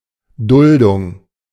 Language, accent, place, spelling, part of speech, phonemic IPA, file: German, Germany, Berlin, Duldung, noun, /ˈdʊldʊŋ/, De-Duldung.ogg
- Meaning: 1. tolerance 2. temporary suspension of the deportation of a foreign individual